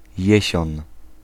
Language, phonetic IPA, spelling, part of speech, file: Polish, [ˈjɛ̇ɕɔ̃n], jesion, noun, Pl-jesion.ogg